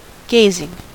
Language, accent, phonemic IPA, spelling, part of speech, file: English, US, /ˈɡeɪzɪŋ/, gazing, verb / noun, En-us-gazing.ogg
- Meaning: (verb) present participle and gerund of gaze; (noun) The act by which somebody gazes